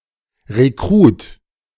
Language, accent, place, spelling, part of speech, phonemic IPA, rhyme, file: German, Germany, Berlin, Rekrut, noun, /ʁeˈkʁuːt/, -uːt, De-Rekrut.ogg
- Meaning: 1. recruit 2. a soldier of the lowest rank in the Swiss and Austrian armed forces, similar to a private